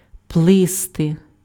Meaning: 1. to swim 2. to float 3. to sail
- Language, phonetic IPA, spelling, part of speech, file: Ukrainian, [pɫeˈstɪ], плисти, verb, Uk-плисти.ogg